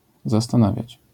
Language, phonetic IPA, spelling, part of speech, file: Polish, [ˌzastãˈnavʲjät͡ɕ], zastanawiać, verb, LL-Q809 (pol)-zastanawiać.wav